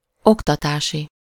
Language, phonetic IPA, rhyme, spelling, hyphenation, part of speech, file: Hungarian, [ˈoktɒtaːʃi], -ʃi, oktatási, ok‧ta‧tá‧si, adjective, Hu-oktatási.ogg
- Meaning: educational